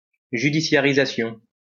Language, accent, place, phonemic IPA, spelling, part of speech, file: French, France, Lyon, /ʒy.di.sja.ʁi.za.sjɔ̃/, judiciarisation, noun, LL-Q150 (fra)-judiciarisation.wav
- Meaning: judicialization